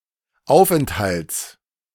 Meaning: genitive singular of Aufenthalt
- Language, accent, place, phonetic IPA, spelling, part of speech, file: German, Germany, Berlin, [ˈaʊ̯fʔɛnthalt͡s], Aufenthalts, noun, De-Aufenthalts.ogg